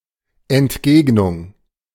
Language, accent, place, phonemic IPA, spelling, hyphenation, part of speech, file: German, Germany, Berlin, /ɛntˈɡeːɡnʊŋ/, Entgegnung, Ent‧geg‧nung, noun, De-Entgegnung.ogg
- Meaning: reply, riposte